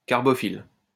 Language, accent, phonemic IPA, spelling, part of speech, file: French, France, /kaʁ.bɔ.fil/, carbophile, adjective, LL-Q150 (fra)-carbophile.wav
- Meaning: carbophilic